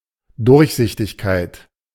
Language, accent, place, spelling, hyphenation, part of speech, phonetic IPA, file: German, Germany, Berlin, Durchsichtigkeit, Durch‧sich‧tig‧keit, noun, [ˈdʊʁçˌzɪçtɪçkaɪ̯t], De-Durchsichtigkeit.ogg
- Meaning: transparency